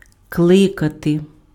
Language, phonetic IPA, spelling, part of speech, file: Ukrainian, [ˈkɫɪkɐte], кликати, verb, Uk-кликати.ogg
- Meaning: to call